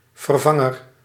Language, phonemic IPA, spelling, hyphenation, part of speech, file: Dutch, /vərˈvɑ.ŋər/, vervanger, ver‧van‧ger, noun, Nl-vervanger.ogg
- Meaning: substitute, replacement